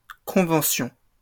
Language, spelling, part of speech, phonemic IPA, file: French, conventions, noun, /kɔ̃.vɑ̃.sjɔ̃/, LL-Q150 (fra)-conventions.wav
- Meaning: plural of convention